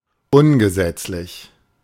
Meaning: illegal
- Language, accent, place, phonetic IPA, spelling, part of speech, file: German, Germany, Berlin, [ˈʊnɡəˌzɛt͡slɪç], ungesetzlich, adjective, De-ungesetzlich.ogg